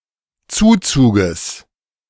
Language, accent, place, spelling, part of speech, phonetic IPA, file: German, Germany, Berlin, Zuzuges, noun, [ˈt͡suːt͡suːɡəs], De-Zuzuges.ogg
- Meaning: genitive singular of Zuzug